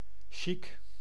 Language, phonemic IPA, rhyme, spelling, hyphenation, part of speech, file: Dutch, /ʃik/, -ik, chic, chic, adjective, Nl-chic.ogg
- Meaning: chic, elegant